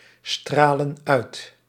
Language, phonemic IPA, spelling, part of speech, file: Dutch, /ˈstralə(n) ˈœyt/, stralen uit, verb, Nl-stralen uit.ogg
- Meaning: inflection of uitstralen: 1. plural present indicative 2. plural present subjunctive